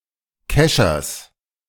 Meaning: genitive of Kescher
- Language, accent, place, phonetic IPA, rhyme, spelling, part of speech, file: German, Germany, Berlin, [ˈkɛʃɐs], -ɛʃɐs, Keschers, noun, De-Keschers.ogg